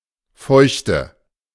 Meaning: 1. humidity 2. moistness 3. moisture
- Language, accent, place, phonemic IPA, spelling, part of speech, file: German, Germany, Berlin, /ˈfɔɪ̯çtə/, Feuchte, noun, De-Feuchte.ogg